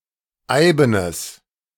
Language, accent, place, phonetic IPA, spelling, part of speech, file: German, Germany, Berlin, [ˈaɪ̯bənəs], eibenes, adjective, De-eibenes.ogg
- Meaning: strong/mixed nominative/accusative neuter singular of eiben